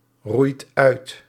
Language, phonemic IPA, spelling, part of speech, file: Dutch, /ˈrujt ˈœyt/, roeit uit, verb, Nl-roeit uit.ogg
- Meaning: inflection of uitroeien: 1. second/third-person singular present indicative 2. plural imperative